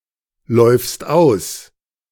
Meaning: second-person singular present of auslaufen
- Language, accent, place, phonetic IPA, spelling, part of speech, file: German, Germany, Berlin, [ˌlɔɪ̯fst ˈaʊ̯s], läufst aus, verb, De-läufst aus.ogg